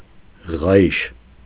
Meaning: 1. leather belt 2. thong, strip of leather
- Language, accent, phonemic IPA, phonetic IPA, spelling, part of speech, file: Armenian, Eastern Armenian, /ʁɑˈjiʃ/, [ʁɑjíʃ], ղայիշ, noun, Hy-ղայիշ.ogg